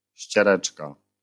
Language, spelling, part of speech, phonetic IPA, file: Polish, ściereczka, noun, [ɕt͡ɕɛˈrɛt͡ʃka], LL-Q809 (pol)-ściereczka.wav